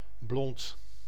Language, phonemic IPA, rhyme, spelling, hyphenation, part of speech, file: Dutch, /blɔnt/, -ɔnt, blond, blond, adjective, Nl-blond.ogg
- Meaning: 1. blond, fair; of light color (usually said about light hair color, but it can also refer to beer) 2. stupid